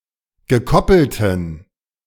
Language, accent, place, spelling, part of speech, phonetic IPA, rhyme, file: German, Germany, Berlin, gekoppelten, adjective, [ɡəˈkɔpl̩tn̩], -ɔpl̩tn̩, De-gekoppelten.ogg
- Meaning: inflection of gekoppelt: 1. strong genitive masculine/neuter singular 2. weak/mixed genitive/dative all-gender singular 3. strong/weak/mixed accusative masculine singular 4. strong dative plural